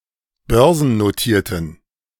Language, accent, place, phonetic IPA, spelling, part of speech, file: German, Germany, Berlin, [ˈbœʁzn̩noˌtiːɐ̯tən], börsennotierten, adjective, De-börsennotierten.ogg
- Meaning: inflection of börsennotiert: 1. strong genitive masculine/neuter singular 2. weak/mixed genitive/dative all-gender singular 3. strong/weak/mixed accusative masculine singular 4. strong dative plural